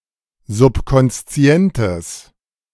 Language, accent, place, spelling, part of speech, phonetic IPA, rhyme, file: German, Germany, Berlin, subkonszientes, adjective, [zʊpkɔnsˈt͡si̯ɛntəs], -ɛntəs, De-subkonszientes.ogg
- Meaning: strong/mixed nominative/accusative neuter singular of subkonszient